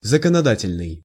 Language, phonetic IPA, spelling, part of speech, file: Russian, [zəkənɐˈdatʲɪlʲnɨj], законодательный, adjective, Ru-законодательный.ogg
- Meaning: legislative